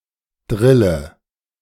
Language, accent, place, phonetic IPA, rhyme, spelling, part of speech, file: German, Germany, Berlin, [ˈdʁɪlə], -ɪlə, drille, verb, De-drille.ogg
- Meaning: inflection of drillen: 1. first-person singular present 2. first/third-person singular subjunctive I 3. singular imperative